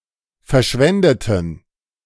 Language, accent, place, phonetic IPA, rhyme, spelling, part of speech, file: German, Germany, Berlin, [fɛɐ̯ˈʃvɛndətn̩], -ɛndətn̩, verschwendeten, adjective / verb, De-verschwendeten.ogg
- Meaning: inflection of verschwenden: 1. first/third-person plural preterite 2. first/third-person plural subjunctive II